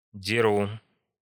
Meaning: first-person singular present indicative of драть impf (dratʹ)
- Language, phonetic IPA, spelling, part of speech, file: Russian, [dʲɪˈru], деру, verb, Ru-деру.ogg